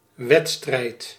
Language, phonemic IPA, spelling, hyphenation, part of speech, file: Dutch, /ˈʋɛt.strɛi̯t/, wedstrijd, wed‧strijd, noun, Nl-wedstrijd.ogg
- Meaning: 1. race, competition 2. game, match